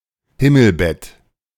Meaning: canopy bed
- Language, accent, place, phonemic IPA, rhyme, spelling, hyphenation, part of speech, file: German, Germany, Berlin, /ˈhɪml̩ˌbɛt/, -ɛt, Himmelbett, Him‧mel‧bett, noun, De-Himmelbett.ogg